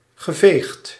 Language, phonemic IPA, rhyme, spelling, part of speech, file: Dutch, /ɣə.ˈveːxt/, -eːxt, geveegd, verb, Nl-geveegd.ogg
- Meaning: past participle of vegen